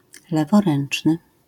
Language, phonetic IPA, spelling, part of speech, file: Polish, [ˌlɛvɔˈrɛ̃n͇t͡ʃnɨ], leworęczny, adjective / noun, LL-Q809 (pol)-leworęczny.wav